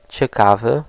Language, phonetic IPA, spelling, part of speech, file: Polish, [t͡ɕɛˈkavɨ], ciekawy, adjective, Pl-ciekawy.ogg